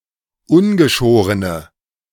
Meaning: inflection of ungeschoren: 1. strong/mixed nominative/accusative feminine singular 2. strong nominative/accusative plural 3. weak nominative all-gender singular
- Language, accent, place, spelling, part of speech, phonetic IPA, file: German, Germany, Berlin, ungeschorene, adjective, [ˈʊnɡəˌʃoːʁənə], De-ungeschorene.ogg